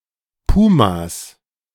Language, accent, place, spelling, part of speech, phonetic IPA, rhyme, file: German, Germany, Berlin, Pumas, noun, [ˈpuːmas], -uːmas, De-Pumas.ogg
- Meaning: plural of Puma